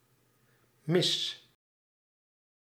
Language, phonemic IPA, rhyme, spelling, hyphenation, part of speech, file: Dutch, /mɪs/, -ɪs, mis, mis, noun / adjective / verb, Nl-mis.ogg
- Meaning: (noun) mass (service in a Catholic church); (adjective) 1. wrong 2. missed, not a hit; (verb) inflection of missen: first-person singular present indicative